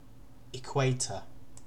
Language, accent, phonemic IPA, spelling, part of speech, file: English, UK, /ɪˈkweɪ.tə/, equator, noun, En-uk-equator.ogg
- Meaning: An imaginary great circle around Earth, equidistant from the two poles, and dividing earth's surface into the northern and southern hemispheres